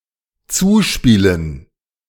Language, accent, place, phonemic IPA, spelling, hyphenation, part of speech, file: German, Germany, Berlin, /ˈt͡suːˌʃpiːlən/, zuspielen, zu‧spie‧len, verb, De-zuspielen.ogg
- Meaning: 1. to pass 2. to pass on (secretly) 3. to play (a recording during a programme)